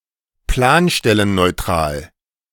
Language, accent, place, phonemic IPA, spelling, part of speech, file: German, Germany, Berlin, /ˈplaːnʃtɛlənnɔɪ̯ˌtʁaːl/, planstellenneutral, adjective, De-planstellenneutral.ogg
- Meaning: not needing planning permission